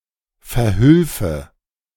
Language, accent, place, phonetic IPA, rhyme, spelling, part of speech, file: German, Germany, Berlin, [fɛɐ̯ˈhʏlfə], -ʏlfə, verhülfe, verb, De-verhülfe.ogg
- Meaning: first/third-person singular subjunctive II of verhelfen